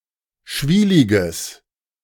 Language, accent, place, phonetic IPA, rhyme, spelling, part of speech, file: German, Germany, Berlin, [ˈʃviːlɪɡəs], -iːlɪɡəs, schwieliges, adjective, De-schwieliges.ogg
- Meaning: strong/mixed nominative/accusative neuter singular of schwielig